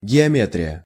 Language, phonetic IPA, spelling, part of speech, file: Russian, [ɡʲɪɐˈmʲetrʲɪjə], геометрия, noun, Ru-геометрия.ogg
- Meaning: geometry